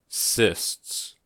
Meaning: plural of cyst
- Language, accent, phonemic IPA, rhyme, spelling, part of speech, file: English, US, /sɪsts/, -ɪsts, cysts, noun, En-us-cysts.ogg